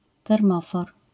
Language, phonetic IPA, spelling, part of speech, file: Polish, [tɛrˈmɔfɔr], termofor, noun, LL-Q809 (pol)-termofor.wav